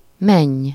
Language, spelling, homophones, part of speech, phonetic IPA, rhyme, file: Hungarian, menj, menny, verb, [ˈmɛɲː], -ɛɲː, Hu-menj.ogg
- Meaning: second-person singular subjunctive present indefinite of megy